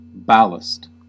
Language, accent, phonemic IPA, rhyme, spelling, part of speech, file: English, US, /ˈbæl.əst/, -æləst, ballast, noun / verb, En-us-ballast.ogg
- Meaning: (noun) 1. Heavy material that is placed in the hold of a ship (or in the gondola of a balloon), to provide stability 2. Anything that steadies emotion or the mind